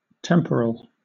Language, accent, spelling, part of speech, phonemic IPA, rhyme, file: English, Southern England, temporal, adjective / noun, /ˈtɛm.pə.ɹəl/, -ɛmpəɹəl, LL-Q1860 (eng)-temporal.wav
- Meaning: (adjective) 1. Of or relating to the material world, as opposed to sacred or clerical 2. Relating to time: Of limited time, transient, passing, not perpetual, as opposed to eternal